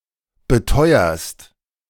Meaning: second-person singular present of beteuern
- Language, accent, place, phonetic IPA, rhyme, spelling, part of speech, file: German, Germany, Berlin, [bəˈtɔɪ̯ɐst], -ɔɪ̯ɐst, beteuerst, verb, De-beteuerst.ogg